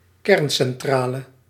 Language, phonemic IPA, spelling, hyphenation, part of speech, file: Dutch, /ˈkɛrn.sɛnˌtraː.lə/, kerncentrale, kern‧cen‧tra‧le, noun, Nl-kerncentrale.ogg
- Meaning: nuclear power plant